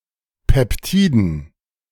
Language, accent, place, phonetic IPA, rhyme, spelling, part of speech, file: German, Germany, Berlin, [ˌpɛpˈtiːdn̩], -iːdn̩, Peptiden, noun, De-Peptiden.ogg
- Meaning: dative plural of Peptid